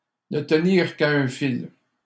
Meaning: to hang by a thread
- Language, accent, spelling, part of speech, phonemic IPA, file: French, Canada, ne tenir qu'à un fil, verb, /nə t(ə).niʁ k‿a œ̃ fil/, LL-Q150 (fra)-ne tenir qu'à un fil.wav